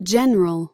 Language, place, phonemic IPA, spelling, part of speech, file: English, California, /ˈd͡ʒɛn.(ə.)ɹəl/, general, adjective / noun / verb / adverb, En-us-general.ogg
- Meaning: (adjective) Including or involving every part or member of a given or implied entity, whole, etc.; common to all, universal